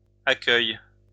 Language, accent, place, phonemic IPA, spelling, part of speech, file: French, France, Lyon, /a.kœj/, accueils, noun, LL-Q150 (fra)-accueils.wav
- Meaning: plural of accueil